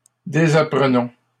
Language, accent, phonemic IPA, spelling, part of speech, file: French, Canada, /de.za.pʁə.nɔ̃/, désapprenons, verb, LL-Q150 (fra)-désapprenons.wav
- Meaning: inflection of désapprendre: 1. first-person plural present indicative 2. first-person plural imperative